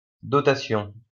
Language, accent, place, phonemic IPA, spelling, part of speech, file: French, France, Lyon, /dɔ.ta.sjɔ̃/, dotation, noun, LL-Q150 (fra)-dotation.wav
- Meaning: 1. allowance 2. endowment